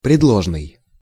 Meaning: prepositional
- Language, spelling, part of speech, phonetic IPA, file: Russian, предложный, adjective, [prʲɪdˈɫoʐnɨj], Ru-предложный.ogg